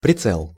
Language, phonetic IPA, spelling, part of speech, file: Russian, [prʲɪˈt͡sɛɫ], прицел, noun, Ru-прицел.ogg
- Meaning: sight (device used in aiming a firearm)